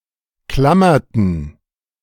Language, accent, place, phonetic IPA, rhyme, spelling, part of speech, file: German, Germany, Berlin, [ˈklamɐtn̩], -amɐtn̩, klammerten, verb, De-klammerten.ogg
- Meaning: inflection of klammern: 1. first/third-person plural preterite 2. first/third-person plural subjunctive II